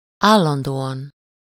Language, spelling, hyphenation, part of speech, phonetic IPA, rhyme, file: Hungarian, állandóan, ál‧lan‧dó‧an, adverb, [ˈaːlːɒndoːɒn], -ɒn, Hu-állandóan.ogg
- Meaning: constantly, permanently, steadily